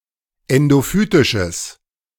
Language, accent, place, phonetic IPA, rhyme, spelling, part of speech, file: German, Germany, Berlin, [ˌɛndoˈfyːtɪʃəs], -yːtɪʃəs, endophytisches, adjective, De-endophytisches.ogg
- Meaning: strong/mixed nominative/accusative neuter singular of endophytisch